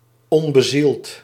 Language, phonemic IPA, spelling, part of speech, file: Dutch, /ˈɔmbəˌzilt/, onbezield, adjective, Nl-onbezield.ogg
- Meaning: 1. uninspired, listless 2. inanimate